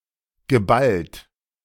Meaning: past participle of ballen
- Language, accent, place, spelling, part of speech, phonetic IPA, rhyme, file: German, Germany, Berlin, geballt, verb, [ɡəˈbalt], -alt, De-geballt.ogg